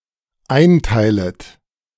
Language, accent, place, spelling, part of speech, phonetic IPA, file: German, Germany, Berlin, einteilet, verb, [ˈaɪ̯nˌtaɪ̯lət], De-einteilet.ogg
- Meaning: second-person plural dependent subjunctive I of einteilen